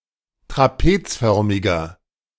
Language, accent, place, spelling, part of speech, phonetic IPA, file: German, Germany, Berlin, trapezförmiger, adjective, [tʁaˈpeːt͡sˌfœʁmɪɡɐ], De-trapezförmiger.ogg
- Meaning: inflection of trapezförmig: 1. strong/mixed nominative masculine singular 2. strong genitive/dative feminine singular 3. strong genitive plural